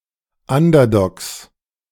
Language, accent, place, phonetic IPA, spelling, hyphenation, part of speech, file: German, Germany, Berlin, [ˈandɐdɔks], Underdogs, Un‧der‧dogs, noun, De-Underdogs.ogg
- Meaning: 1. genitive of Underdog 2. plural of Underdog